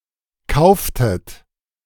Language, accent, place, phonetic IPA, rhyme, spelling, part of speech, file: German, Germany, Berlin, [ˈkaʊ̯ftət], -aʊ̯ftət, kauftet, verb, De-kauftet.ogg
- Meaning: inflection of kaufen: 1. second-person plural preterite 2. second-person plural subjunctive II